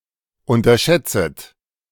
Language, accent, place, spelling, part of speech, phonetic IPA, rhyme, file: German, Germany, Berlin, unterschätzet, verb, [ˌʊntɐˈʃɛt͡sət], -ɛt͡sət, De-unterschätzet.ogg
- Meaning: second-person plural subjunctive I of unterschätzen